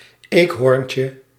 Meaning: diminutive of eekhoorn
- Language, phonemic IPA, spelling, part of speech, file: Dutch, /ˈekhorᵊncə/, eekhoorntje, noun, Nl-eekhoorntje.ogg